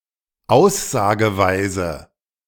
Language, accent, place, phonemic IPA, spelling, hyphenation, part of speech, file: German, Germany, Berlin, /ˈaʊ̯szaːɡəvaɪ̯zə/, Aussageweise, Aus‧sa‧ge‧wei‧se, noun, De-Aussageweise.ogg
- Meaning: mood